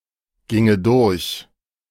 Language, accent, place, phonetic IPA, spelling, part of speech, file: German, Germany, Berlin, [ˌɡɪŋə ˈdʊʁç], ginge durch, verb, De-ginge durch.ogg
- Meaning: first/third-person singular subjunctive II of durchgehen